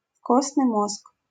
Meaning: marrow, bone marrow
- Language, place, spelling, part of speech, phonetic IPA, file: Russian, Saint Petersburg, костный мозг, noun, [ˈkosnɨj ˈmosk], LL-Q7737 (rus)-костный мозг.wav